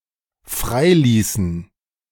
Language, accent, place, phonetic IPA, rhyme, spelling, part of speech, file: German, Germany, Berlin, [ˈfʁaɪ̯ˌliːsn̩], -aɪ̯liːsn̩, freiließen, verb, De-freiließen.ogg
- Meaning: inflection of freilassen: 1. first/third-person plural dependent preterite 2. first/third-person plural dependent subjunctive II